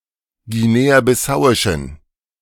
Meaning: inflection of guinea-bissauisch: 1. strong genitive masculine/neuter singular 2. weak/mixed genitive/dative all-gender singular 3. strong/weak/mixed accusative masculine singular
- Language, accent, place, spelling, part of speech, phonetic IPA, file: German, Germany, Berlin, guinea-bissauischen, adjective, [ɡiˌneːaːbɪˈsaʊ̯ɪʃn̩], De-guinea-bissauischen.ogg